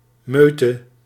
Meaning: pack, rout, crowd
- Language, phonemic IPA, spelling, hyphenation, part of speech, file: Dutch, /ˈmøː.tə/, meute, meu‧te, noun, Nl-meute.ogg